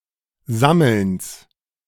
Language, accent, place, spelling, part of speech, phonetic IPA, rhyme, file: German, Germany, Berlin, Sammelns, noun, [ˈzaml̩ns], -aml̩ns, De-Sammelns.ogg
- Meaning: genitive singular of Sammeln